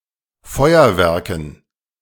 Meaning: dative plural of Feuerwerk
- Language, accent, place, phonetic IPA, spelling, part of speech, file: German, Germany, Berlin, [ˈfɔɪ̯ɐˌvɛʁkn̩], Feuerwerken, noun, De-Feuerwerken.ogg